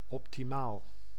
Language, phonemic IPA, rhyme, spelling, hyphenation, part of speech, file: Dutch, /ˌɔp.tiˈmaːl/, -aːl, optimaal, op‧ti‧maal, adjective, Nl-optimaal.ogg
- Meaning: optimal